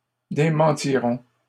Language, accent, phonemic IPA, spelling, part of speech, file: French, Canada, /de.mɑ̃.ti.ʁɔ̃/, démentiront, verb, LL-Q150 (fra)-démentiront.wav
- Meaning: third-person plural simple future of démentir